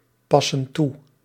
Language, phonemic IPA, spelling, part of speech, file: Dutch, /ˈpɑsə(n) ˈtu/, passen toe, verb, Nl-passen toe.ogg
- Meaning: inflection of toepassen: 1. plural present indicative 2. plural present subjunctive